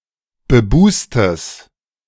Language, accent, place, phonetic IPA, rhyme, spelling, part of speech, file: German, Germany, Berlin, [bəˈbuːstəs], -uːstəs, bebustes, adjective, De-bebustes.ogg
- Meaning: strong/mixed nominative/accusative neuter singular of bebust